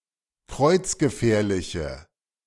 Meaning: inflection of kreuzgefährlich: 1. strong/mixed nominative/accusative feminine singular 2. strong nominative/accusative plural 3. weak nominative all-gender singular
- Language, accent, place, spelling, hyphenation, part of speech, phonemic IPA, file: German, Germany, Berlin, kreuzgefährliche, kreuz‧ge‧fähr‧li‧che, adjective, /ˈkʁɔɪ̯t͡s.ɡəˌfɛːɐ̯lɪçə/, De-kreuzgefährliche.ogg